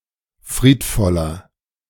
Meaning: 1. comparative degree of friedvoll 2. inflection of friedvoll: strong/mixed nominative masculine singular 3. inflection of friedvoll: strong genitive/dative feminine singular
- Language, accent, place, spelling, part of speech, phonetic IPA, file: German, Germany, Berlin, friedvoller, adjective, [ˈfʁiːtˌfɔlɐ], De-friedvoller.ogg